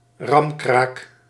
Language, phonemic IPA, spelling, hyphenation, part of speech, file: Dutch, /ˈrɑm.kraːk/, ramkraak, ram‧kraak, noun, Nl-ramkraak.ogg
- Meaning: a ramraid (esp. at a bank): a robbery, a theft where the premises are rammed with a vehicle to gain access